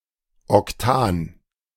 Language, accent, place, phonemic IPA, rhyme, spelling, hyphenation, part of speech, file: German, Germany, Berlin, /ɔkˈtʰaːn/, -aːn, Octan, Oc‧tan, noun, De-Octan.ogg
- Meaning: octane